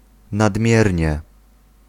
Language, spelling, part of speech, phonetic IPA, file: Polish, nadmiernie, adverb, [nadˈmʲjɛrʲɲɛ], Pl-nadmiernie.ogg